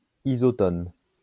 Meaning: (noun) isotone; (adjective) isotonic
- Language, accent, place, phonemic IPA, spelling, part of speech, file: French, France, Lyon, /i.zɔ.tɔn/, isotone, noun / adjective, LL-Q150 (fra)-isotone.wav